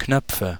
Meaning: nominative/accusative/genitive plural of Knopf
- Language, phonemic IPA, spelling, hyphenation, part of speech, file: German, /ˈknœpfə/, Knöpfe, Knöp‧fe, noun, De-Knöpfe.ogg